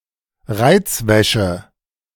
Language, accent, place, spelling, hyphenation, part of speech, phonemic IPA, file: German, Germany, Berlin, Reizwäsche, Reiz‧wä‧sche, noun, /ˈʁaɪ̯tsˌvɛʃə/, De-Reizwäsche.ogg
- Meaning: lingerie